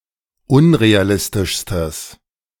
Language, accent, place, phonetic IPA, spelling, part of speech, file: German, Germany, Berlin, [ˈʊnʁeaˌlɪstɪʃstəs], unrealistischstes, adjective, De-unrealistischstes.ogg
- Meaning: strong/mixed nominative/accusative neuter singular superlative degree of unrealistisch